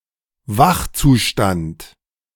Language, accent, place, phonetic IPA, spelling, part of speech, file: German, Germany, Berlin, [ˈvaxt͡suˌʃtant], Wachzustand, noun, De-Wachzustand.ogg
- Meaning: waking state